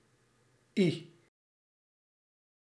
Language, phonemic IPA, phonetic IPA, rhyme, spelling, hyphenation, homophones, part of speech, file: Dutch, /i/, [(ʔ)ii̥], -i, ie, ie, i / I / Î / Ie / iej / ii, pronoun / adverb, Nl-ie.ogg
- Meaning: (pronoun) 1. unstressed form of hij (“he”) 2. Second-person singular, mute form: you; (adverb) 1. always, every time, continuously 2. ever, sometime, at some point